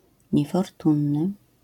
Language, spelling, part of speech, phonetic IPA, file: Polish, niefortunny, adjective, [ˌɲɛfɔrˈtũnːɨ], LL-Q809 (pol)-niefortunny.wav